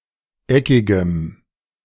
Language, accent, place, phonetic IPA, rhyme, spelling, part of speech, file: German, Germany, Berlin, [ˈɛkɪɡəm], -ɛkɪɡəm, eckigem, adjective, De-eckigem.ogg
- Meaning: strong dative masculine/neuter singular of eckig